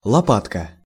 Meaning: 1. diminutive of лопа́та (lopáta); small shovel, small spade 2. shoulder blade, scapula 3. spatula
- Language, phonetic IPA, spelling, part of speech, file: Russian, [ɫɐˈpatkə], лопатка, noun, Ru-лопатка.ogg